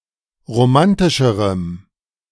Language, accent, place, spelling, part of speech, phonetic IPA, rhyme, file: German, Germany, Berlin, romantischerem, adjective, [ʁoˈmantɪʃəʁəm], -antɪʃəʁəm, De-romantischerem.ogg
- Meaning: strong dative masculine/neuter singular comparative degree of romantisch